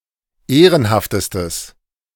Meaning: strong/mixed nominative/accusative neuter singular superlative degree of ehrenhaft
- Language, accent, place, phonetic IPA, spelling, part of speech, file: German, Germany, Berlin, [ˈeːʁənhaftəstəs], ehrenhaftestes, adjective, De-ehrenhaftestes.ogg